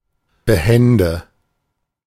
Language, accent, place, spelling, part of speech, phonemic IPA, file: German, Germany, Berlin, behände, adjective, /bəˈhɛndə/, De-behände.ogg
- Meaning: agile, nimble